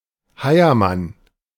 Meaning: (noun) A five-Deutschmark coin; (proper noun) a surname
- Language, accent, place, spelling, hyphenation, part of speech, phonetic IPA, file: German, Germany, Berlin, Heiermann, Hei‧er‧mann, noun / proper noun, [ˈhaɪ̯ɐˌman], De-Heiermann.ogg